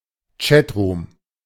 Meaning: chat room (computer site online where visitors can exchange messages)
- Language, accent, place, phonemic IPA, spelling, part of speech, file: German, Germany, Berlin, /ˈt͡ʃɛtˌʀuːm/, Chatroom, noun, De-Chatroom.ogg